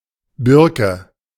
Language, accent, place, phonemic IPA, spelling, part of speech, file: German, Germany, Berlin, /ˈbɪrkə/, Birke, noun / proper noun, De-Birke.ogg
- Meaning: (noun) birch (tree); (proper noun) a surname